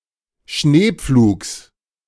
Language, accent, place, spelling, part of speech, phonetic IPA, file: German, Germany, Berlin, Schneepflugs, noun, [ˈʃneːˌp͡fluːks], De-Schneepflugs.ogg
- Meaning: genitive singular of Schneepflug